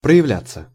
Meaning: 1. to become apparent 2. passive of проявля́ть (projavljátʹ)
- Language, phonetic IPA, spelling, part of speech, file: Russian, [prə(j)ɪˈvlʲat͡sːə], проявляться, verb, Ru-проявляться.ogg